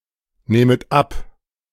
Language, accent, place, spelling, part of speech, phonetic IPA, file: German, Germany, Berlin, nähmet ab, verb, [ˌnɛːmət ˈap], De-nähmet ab.ogg
- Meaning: second-person plural subjunctive II of abnehmen